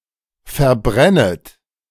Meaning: second-person plural subjunctive I of verbrennen
- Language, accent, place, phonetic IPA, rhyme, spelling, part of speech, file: German, Germany, Berlin, [fɛɐ̯ˈbʁɛnət], -ɛnət, verbrennet, verb, De-verbrennet.ogg